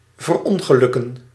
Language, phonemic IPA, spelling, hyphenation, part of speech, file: Dutch, /vərˈɔŋ.ɣəˌlʏ.kə(n)/, verongelukken, ver‧on‧ge‧luk‧ken, verb, Nl-verongelukken.ogg
- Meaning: to die in an accident